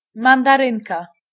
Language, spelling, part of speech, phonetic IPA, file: Polish, mandarynka, noun, [ˌmãndaˈrɨ̃nka], Pl-mandarynka.ogg